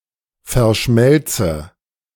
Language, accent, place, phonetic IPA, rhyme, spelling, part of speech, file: German, Germany, Berlin, [fɛɐ̯ˈʃmɛlt͡sə], -ɛlt͡sə, verschmelze, verb, De-verschmelze.ogg
- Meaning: inflection of verschmelzen: 1. first-person singular present 2. first/third-person singular subjunctive I